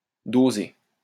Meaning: 1. to dose (administer a dose) 2. to dish out
- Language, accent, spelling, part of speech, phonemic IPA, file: French, France, doser, verb, /do.ze/, LL-Q150 (fra)-doser.wav